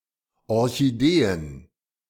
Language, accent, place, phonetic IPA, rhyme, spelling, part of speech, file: German, Germany, Berlin, [ˌɔʁçiˈdeːən], -eːən, Orchideen, noun, De-Orchideen.ogg
- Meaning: plural of Orchidee